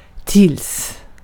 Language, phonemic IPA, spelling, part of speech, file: Swedish, /tɪls/, tills, conjunction / preposition, Sv-tills.ogg
- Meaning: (conjunction) until (up to the time that); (preposition) until (up to a certain time)